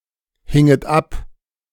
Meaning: second-person plural subjunctive II of abhängen
- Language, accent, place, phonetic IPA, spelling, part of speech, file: German, Germany, Berlin, [ˌhɪŋət ˈap], hinget ab, verb, De-hinget ab.ogg